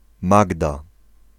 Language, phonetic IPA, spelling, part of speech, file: Polish, [ˈmaɡda], Magda, proper noun, Pl-Magda.ogg